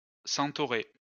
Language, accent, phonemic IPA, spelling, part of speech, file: French, France, /sɑ̃.tɔ.ʁe/, centaurée, noun, LL-Q150 (fra)-centaurée.wav
- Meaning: centaury